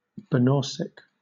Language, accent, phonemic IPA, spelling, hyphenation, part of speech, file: English, Southern England, /bəˈnɔːsɪk/, banausic, ba‧naus‧ic, adjective, LL-Q1860 (eng)-banausic.wav
- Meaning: 1. Of or pertaining to technical matters; mechanical 2. Uncultured, unrefined, utilitarian